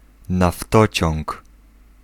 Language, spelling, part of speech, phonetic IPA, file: Polish, naftociąg, noun, [naˈftɔt͡ɕɔ̃ŋk], Pl-naftociąg.ogg